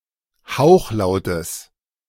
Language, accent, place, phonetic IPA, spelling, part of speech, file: German, Germany, Berlin, [ˈhaʊ̯xˌlaʊ̯təs], Hauchlautes, noun, De-Hauchlautes.ogg
- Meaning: genitive singular of Hauchlaut